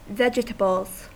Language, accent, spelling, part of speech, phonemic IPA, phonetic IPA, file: English, US, vegetables, noun, /ˈvɛt͡ʃ.tə.bəlz/, [ˈvɛd͡ʒ.tə.bɫ̩z], En-us-vegetables.ogg
- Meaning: plural of vegetable